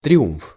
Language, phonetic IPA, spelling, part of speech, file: Russian, [trʲɪˈumf], триумф, noun, Ru-триумф.ogg
- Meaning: triumph (conclusive success; victory; conquest)